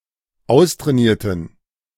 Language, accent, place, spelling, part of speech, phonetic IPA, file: German, Germany, Berlin, austrainierten, adjective, [ˈaʊ̯stʁɛːˌniːɐ̯tn̩], De-austrainierten.ogg
- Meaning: inflection of austrainiert: 1. strong genitive masculine/neuter singular 2. weak/mixed genitive/dative all-gender singular 3. strong/weak/mixed accusative masculine singular 4. strong dative plural